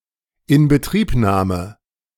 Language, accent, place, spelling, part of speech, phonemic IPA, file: German, Germany, Berlin, Inbetriebnahme, noun, /ˌɪn.bəˈtʁiːpˌnaː.mə/, De-Inbetriebnahme.ogg
- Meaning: start-up, start, activation, launch, commissioning (of a machine, facility etc.)